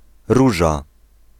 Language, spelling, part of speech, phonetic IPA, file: Polish, Róża, proper noun, [ˈruʒa], Pl-Róża.ogg